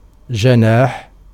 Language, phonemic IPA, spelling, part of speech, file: Arabic, /d͡ʒa.naːħ/, جناح, noun, Ar-جناح.ogg
- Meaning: 1. wing (organ of flight) 2. wing (part of army) 3. wing (part of building) 4. shoulder, arm, hand 5. side, edge 6. fin 7. projecting roof 8. protection, refuge